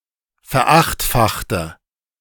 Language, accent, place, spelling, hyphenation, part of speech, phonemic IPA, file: German, Germany, Berlin, verachtfachte, ver‧acht‧fach‧te, verb, /fɛɐ̯ˈaxtfaxtə/, De-verachtfachte.ogg
- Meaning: inflection of verachtfachen: 1. first/third-person singular preterite 2. first/third-person singular subjunctive II